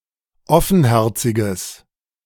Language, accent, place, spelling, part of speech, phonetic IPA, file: German, Germany, Berlin, offenherziges, adjective, [ˈɔfn̩ˌhɛʁt͡sɪɡəs], De-offenherziges.ogg
- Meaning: strong/mixed nominative/accusative neuter singular of offenherzig